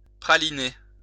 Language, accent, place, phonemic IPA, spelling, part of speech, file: French, France, Lyon, /pʁa.li.ne/, praliner, verb, LL-Q150 (fra)-praliner.wav
- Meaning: 1. to coat with caramelized sugar 2. to coat young roots with a fertilized mud (called pralin) prior to plantation